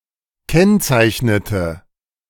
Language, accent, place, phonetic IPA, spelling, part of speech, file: German, Germany, Berlin, [ˈkɛnt͡saɪ̯çnətə], kennzeichnete, verb, De-kennzeichnete.ogg
- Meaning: inflection of kennzeichnen: 1. first/third-person singular preterite 2. first/third-person singular subjunctive II